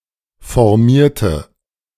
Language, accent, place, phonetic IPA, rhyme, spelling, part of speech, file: German, Germany, Berlin, [fɔʁˈmiːɐ̯tə], -iːɐ̯tə, formierte, adjective / verb, De-formierte.ogg
- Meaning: inflection of formieren: 1. first/third-person singular preterite 2. first/third-person singular subjunctive II